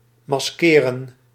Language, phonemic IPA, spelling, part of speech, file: Dutch, /mɑsˈkeːrə(n)/, maskeren, verb, Nl-maskeren.ogg
- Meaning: to mask